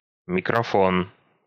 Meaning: microphone
- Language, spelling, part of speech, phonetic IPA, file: Russian, микрофон, noun, [mʲɪkrɐˈfon], Ru-микрофон.ogg